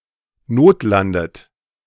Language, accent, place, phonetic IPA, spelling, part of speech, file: German, Germany, Berlin, [ˈnoːtˌlandət], notlandet, verb, De-notlandet.ogg
- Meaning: inflection of notlanden: 1. second-person plural present 2. second-person plural subjunctive I 3. third-person singular present 4. plural imperative